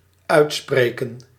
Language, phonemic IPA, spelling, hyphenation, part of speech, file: Dutch, /ˈœy̯tˌspreː.kə(n)/, uitspreken, uit‧spre‧ken, verb, Nl-uitspreken.ogg
- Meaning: 1. to pronounce: (to declare authoritatively or as formal opinion) 2. to announce (declare by judicial sentence) 3. to speak out (assert or promote one's opinion; to make one's thoughts known)